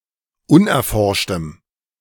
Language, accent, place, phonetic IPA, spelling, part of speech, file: German, Germany, Berlin, [ˈʊnʔɛɐ̯ˌfɔʁʃtəm], unerforschtem, adjective, De-unerforschtem.ogg
- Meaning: strong dative masculine/neuter singular of unerforscht